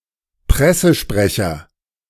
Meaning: press officer / press secretary
- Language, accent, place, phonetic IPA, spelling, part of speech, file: German, Germany, Berlin, [ˈpʁɛsəˌʃpʁɛçɐ], Pressesprecher, noun, De-Pressesprecher.ogg